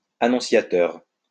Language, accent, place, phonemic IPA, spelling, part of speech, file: French, France, Lyon, /a.nɔ̃.sja.tœʁ/, annonciateur, noun / adjective, LL-Q150 (fra)-annonciateur.wav
- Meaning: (noun) annunciator; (adjective) presaging, heralding, precursory